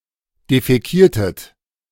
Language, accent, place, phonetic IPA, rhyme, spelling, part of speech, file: German, Germany, Berlin, [defɛˈkiːɐ̯tət], -iːɐ̯tət, defäkiertet, verb, De-defäkiertet.ogg
- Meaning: inflection of defäkieren: 1. second-person plural preterite 2. second-person plural subjunctive II